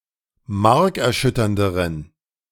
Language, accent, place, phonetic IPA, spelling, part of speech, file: German, Germany, Berlin, [ˈmaʁkɛɐ̯ˌʃʏtɐndəʁən], markerschütternderen, adjective, De-markerschütternderen.ogg
- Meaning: inflection of markerschütternd: 1. strong genitive masculine/neuter singular comparative degree 2. weak/mixed genitive/dative all-gender singular comparative degree